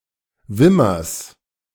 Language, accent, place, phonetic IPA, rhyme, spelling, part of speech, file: German, Germany, Berlin, [ˈvɪmɐs], -ɪmɐs, Wimmers, noun, De-Wimmers.ogg
- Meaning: genitive singular of Wimmer